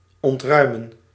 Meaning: to clear, evacuate
- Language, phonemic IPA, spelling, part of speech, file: Dutch, /ˌɔntˈrœy̯.mə(n)/, ontruimen, verb, Nl-ontruimen.ogg